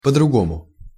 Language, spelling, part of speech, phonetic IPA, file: Russian, по-другому, adverb, [pə‿drʊˈɡomʊ], Ru-по-другому.ogg
- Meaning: differently (than others or everything else)